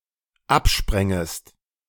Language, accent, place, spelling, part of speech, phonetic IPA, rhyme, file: German, Germany, Berlin, absprängest, verb, [ˈapˌʃpʁɛŋəst], -apʃpʁɛŋəst, De-absprängest.ogg
- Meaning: second-person singular dependent subjunctive II of abspringen